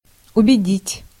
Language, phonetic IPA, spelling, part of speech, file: Russian, [ʊbʲɪˈdʲitʲ], убедить, verb, Ru-убедить.ogg
- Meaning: 1. to convince 2. to persuade, to prevail